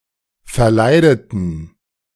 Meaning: inflection of verleiden: 1. first/third-person plural preterite 2. first/third-person plural subjunctive II
- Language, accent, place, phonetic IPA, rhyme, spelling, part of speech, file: German, Germany, Berlin, [fɛɐ̯ˈlaɪ̯dətn̩], -aɪ̯dətn̩, verleideten, adjective / verb, De-verleideten.ogg